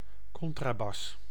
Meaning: double bass
- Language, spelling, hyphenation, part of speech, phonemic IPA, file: Dutch, contrabas, con‧tra‧bas, noun, /ˈkɔn.traːˌbɑs/, Nl-contrabas.ogg